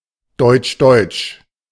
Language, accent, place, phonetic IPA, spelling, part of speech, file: German, Germany, Berlin, [ˈdɔʏ̯tʃˈdɔʏ̯tʃ], deutsch-deutsch, adjective, De-deutsch-deutsch.ogg
- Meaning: 1. of both East Germany and West Germany 2. between East Germany and West Germany